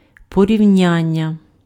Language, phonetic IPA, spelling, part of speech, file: Ukrainian, [pɔrʲiu̯ˈnʲanʲːɐ], порівняння, noun, Uk-порівняння.ogg
- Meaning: 1. verbal noun of порівня́ти (porivnjáty) 2. comparison